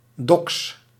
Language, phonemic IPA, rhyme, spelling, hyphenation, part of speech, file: Dutch, /dɔks/, -ɔks, doks, doks, noun, Nl-doks.ogg
- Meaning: 1. duck 2. duck meat